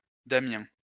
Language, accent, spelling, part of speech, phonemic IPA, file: French, France, Damien, proper noun, /da.mjɛ̃/, LL-Q150 (fra)-Damien.wav
- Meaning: a male given name, equivalent to English Damian